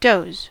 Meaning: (verb) 1. To sleep lightly or briefly; to nap, snooze 2. To make dull; to stupefy; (noun) A light, short sleep or nap; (verb) To bulldoze; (determiner) Pronunciation spelling of those
- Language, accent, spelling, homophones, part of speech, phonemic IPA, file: English, US, doze, does / dos / doughs, verb / noun / determiner, /doʊz/, En-us-doze.ogg